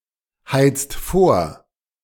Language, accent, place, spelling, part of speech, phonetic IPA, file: German, Germany, Berlin, heizt vor, verb, [ˌhaɪ̯t͡st ˈfoːɐ̯], De-heizt vor.ogg
- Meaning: inflection of vorheizen: 1. second-person singular/plural present 2. third-person singular present 3. plural imperative